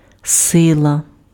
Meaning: 1. force 2. strength, vigour
- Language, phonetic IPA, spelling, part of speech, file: Ukrainian, [ˈsɪɫɐ], сила, noun, Uk-сила.ogg